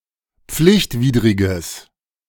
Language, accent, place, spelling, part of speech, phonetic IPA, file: German, Germany, Berlin, pflichtwidriges, adjective, [ˈp͡flɪçtˌviːdʁɪɡəs], De-pflichtwidriges.ogg
- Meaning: strong/mixed nominative/accusative neuter singular of pflichtwidrig